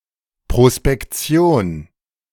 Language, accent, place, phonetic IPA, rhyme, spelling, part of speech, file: German, Germany, Berlin, [pʁospɛkˈt͡si̯oːn], -oːn, Prospektion, noun, De-Prospektion.ogg
- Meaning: 1. prospecting 2. survey